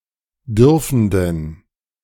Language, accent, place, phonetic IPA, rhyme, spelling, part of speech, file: German, Germany, Berlin, [ˈdʏʁfn̩dən], -ʏʁfn̩dən, dürfenden, adjective, De-dürfenden.ogg
- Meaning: inflection of dürfend: 1. strong genitive masculine/neuter singular 2. weak/mixed genitive/dative all-gender singular 3. strong/weak/mixed accusative masculine singular 4. strong dative plural